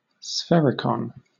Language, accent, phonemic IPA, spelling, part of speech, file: English, Southern England, /ˈsfɛɹ.ɪ.kɒn/, sphericon, noun, LL-Q1860 (eng)-sphericon.wav